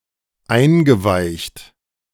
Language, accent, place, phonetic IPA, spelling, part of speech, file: German, Germany, Berlin, [ˈaɪ̯nɡəˌvaɪ̯çt], eingeweicht, verb, De-eingeweicht.ogg
- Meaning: past participle of einweichen